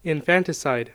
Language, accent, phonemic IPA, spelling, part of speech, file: English, US, /ɪnˈfæntɪsaɪd/, infanticide, noun, En-us-infanticide.ogg
- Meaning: 1. The murder of an infant 2. The murder of a child by a parent; filicide